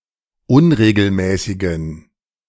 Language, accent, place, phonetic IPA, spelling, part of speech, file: German, Germany, Berlin, [ˈʊnʁeːɡl̩ˌmɛːsɪɡn̩], unregelmäßigen, adjective, De-unregelmäßigen.ogg
- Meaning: inflection of unregelmäßig: 1. strong genitive masculine/neuter singular 2. weak/mixed genitive/dative all-gender singular 3. strong/weak/mixed accusative masculine singular 4. strong dative plural